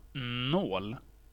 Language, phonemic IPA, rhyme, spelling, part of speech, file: Swedish, /noːl/, -oːl, nål, noun, Sv-nål.ogg
- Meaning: 1. a needle, a pin (implement for sewing, crocheting, attaching stuff, etc.; however not for knitting) 2. a needle (on a syringe)